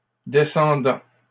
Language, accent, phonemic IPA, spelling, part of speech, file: French, Canada, /de.sɑ̃.dɑ̃/, descendants, noun, LL-Q150 (fra)-descendants.wav
- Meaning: plural of descendant